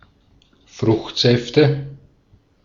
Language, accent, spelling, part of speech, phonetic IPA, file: German, Austria, Fruchtsäfte, noun, [ˈfʁʊxtˌzɛftə], De-at-Fruchtsäfte.ogg
- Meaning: nominative/accusative/genitive plural of Fruchtsaft